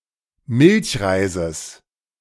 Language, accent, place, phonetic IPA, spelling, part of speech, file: German, Germany, Berlin, [ˈmɪlçˌʁaɪ̯zəs], Milchreises, noun, De-Milchreises.ogg
- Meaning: genitive singular of Milchreis